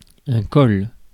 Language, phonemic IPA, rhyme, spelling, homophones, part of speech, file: French, /kɔl/, -ɔl, col, colle / collent / colles / cols, noun, Fr-col.ogg
- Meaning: 1. collar 2. col; mountain pass 3. neck 4. neck (of objects, vases etc.)